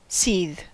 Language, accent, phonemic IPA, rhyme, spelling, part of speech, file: English, General American, /sið/, -iːð, seethe, verb / noun, En-us-seethe.ogg
- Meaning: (verb) Of a liquid or other substance, or a container holding it: to be boiled (vigorously); to become boiling hot